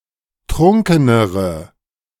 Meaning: inflection of trunken: 1. strong/mixed nominative/accusative feminine singular comparative degree 2. strong nominative/accusative plural comparative degree
- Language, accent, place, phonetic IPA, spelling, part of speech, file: German, Germany, Berlin, [ˈtʁʊŋkənəʁə], trunkenere, adjective, De-trunkenere.ogg